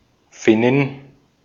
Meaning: Finn (female person from Finland)
- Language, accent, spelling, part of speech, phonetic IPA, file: German, Austria, Finnin, noun, [ˈfɪnɪn], De-at-Finnin.ogg